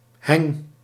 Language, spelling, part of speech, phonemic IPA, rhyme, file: Dutch, heng, noun, /ɦɛŋ/, -ɛŋ, Nl-heng.ogg
- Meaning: moving leaf of a hinge, affixed to the moving part